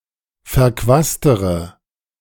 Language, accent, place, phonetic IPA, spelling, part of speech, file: German, Germany, Berlin, [fɛɐ̯ˈkvaːstəʁə], verquastere, adjective, De-verquastere.ogg
- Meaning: inflection of verquast: 1. strong/mixed nominative/accusative feminine singular comparative degree 2. strong nominative/accusative plural comparative degree